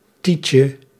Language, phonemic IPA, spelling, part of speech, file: Dutch, /ˈticə/, tietje, noun, Nl-tietje.ogg
- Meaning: diminutive of tiet